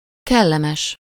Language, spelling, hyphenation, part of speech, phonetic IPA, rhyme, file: Hungarian, kellemes, kel‧le‧mes, adjective, [ˈkɛlːɛmɛʃ], -ɛʃ, Hu-kellemes.ogg
- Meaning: pleasant